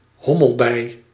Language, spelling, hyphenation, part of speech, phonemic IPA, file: Dutch, hommelbij, hom‧mel‧bij, noun, /ˈɦɔ.məlˌbɛi̯/, Nl-hommelbij.ogg
- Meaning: 1. drone, male bee 2. bumblebee